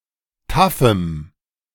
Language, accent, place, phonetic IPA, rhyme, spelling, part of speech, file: German, Germany, Berlin, [ˈtafm̩], -afm̩, taffem, adjective, De-taffem.ogg
- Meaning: strong dative masculine/neuter singular of taff